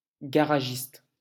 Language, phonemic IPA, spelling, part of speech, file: French, /ɡa.ʁa.ʒist/, garagiste, noun, LL-Q150 (fra)-garagiste.wav
- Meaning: 1. owner or manager of a garage 2. auto mechanic, car mechanic